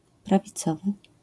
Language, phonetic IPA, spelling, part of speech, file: Polish, [ˌpravʲiˈt͡sɔvɨ], prawicowy, adjective, LL-Q809 (pol)-prawicowy.wav